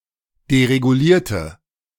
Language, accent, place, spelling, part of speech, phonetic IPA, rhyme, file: German, Germany, Berlin, deregulierte, adjective / verb, [deʁeɡuˈliːɐ̯tə], -iːɐ̯tə, De-deregulierte.ogg
- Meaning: inflection of deregulieren: 1. first/third-person singular preterite 2. first/third-person singular subjunctive II